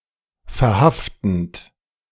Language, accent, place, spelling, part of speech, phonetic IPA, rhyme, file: German, Germany, Berlin, verhaftend, verb, [fɛɐ̯ˈhaftn̩t], -aftn̩t, De-verhaftend.ogg
- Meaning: present participle of verhaften